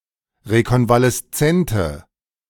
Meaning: inflection of rekonvaleszent: 1. strong/mixed nominative/accusative feminine singular 2. strong nominative/accusative plural 3. weak nominative all-gender singular
- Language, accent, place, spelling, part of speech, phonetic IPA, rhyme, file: German, Germany, Berlin, rekonvaleszente, adjective, [ʁekɔnvalɛsˈt͡sɛntə], -ɛntə, De-rekonvaleszente.ogg